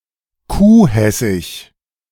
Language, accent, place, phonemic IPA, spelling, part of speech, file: German, Germany, Berlin, /ˈkuːˌhɛsɪç/, kuhhessig, adjective, De-kuhhessig.ogg
- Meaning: synonym of kuhhackig